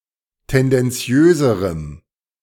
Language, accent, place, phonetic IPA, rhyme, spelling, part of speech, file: German, Germany, Berlin, [ˌtɛndɛnˈt͡si̯øːzəʁəm], -øːzəʁəm, tendenziöserem, adjective, De-tendenziöserem.ogg
- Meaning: strong dative masculine/neuter singular comparative degree of tendenziös